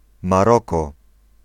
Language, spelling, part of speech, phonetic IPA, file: Polish, Maroko, proper noun, [maˈrɔkɔ], Pl-Maroko.ogg